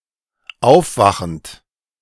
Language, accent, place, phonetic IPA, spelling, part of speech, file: German, Germany, Berlin, [ˈaʊ̯fˌvaxn̩t], aufwachend, verb, De-aufwachend.ogg
- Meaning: present participle of aufwachen